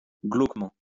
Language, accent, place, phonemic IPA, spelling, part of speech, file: French, France, Lyon, /ɡlok.mɑ̃/, glauquement, adverb, LL-Q150 (fra)-glauquement.wav
- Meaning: 1. glaucously 2. ominously